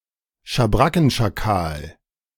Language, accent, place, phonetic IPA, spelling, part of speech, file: German, Germany, Berlin, [ʃaˈbʁakn̩ʃaˌkaːl], Schabrackenschakal, noun, De-Schabrackenschakal.ogg
- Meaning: black-backed jackal